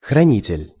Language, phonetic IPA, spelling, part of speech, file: Russian, [xrɐˈnʲitʲɪlʲ], хранитель, noun, Ru-хранитель.ogg
- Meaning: 1. keeper, guardian, custodian 2. curator